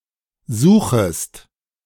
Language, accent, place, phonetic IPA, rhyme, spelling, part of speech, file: German, Germany, Berlin, [ˈzuːxəst], -uːxəst, suchest, verb, De-suchest.ogg
- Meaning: second-person singular subjunctive I of suchen